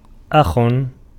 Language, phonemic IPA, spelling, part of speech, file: Arabic, /ʔax/, أخ, noun, Ar-أخ.ogg
- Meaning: brother